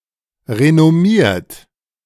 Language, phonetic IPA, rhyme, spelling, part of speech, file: German, [ʁenɔˈmiːɐ̯t], -iːɐ̯t, renommiert, adjective / verb, De-renommiert.oga
- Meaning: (verb) past participle of renommieren; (adjective) renowned; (verb) inflection of renommieren: 1. third-person singular present 2. second-person plural present 3. plural imperative